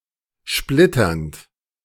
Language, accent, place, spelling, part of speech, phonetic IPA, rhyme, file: German, Germany, Berlin, splitternd, verb, [ˈʃplɪtɐnt], -ɪtɐnt, De-splitternd.ogg
- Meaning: present participle of splittern